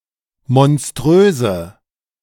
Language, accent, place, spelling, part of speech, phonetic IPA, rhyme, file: German, Germany, Berlin, monströse, adjective, [mɔnˈstʁøːzə], -øːzə, De-monströse.ogg
- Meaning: inflection of monströs: 1. strong/mixed nominative/accusative feminine singular 2. strong nominative/accusative plural 3. weak nominative all-gender singular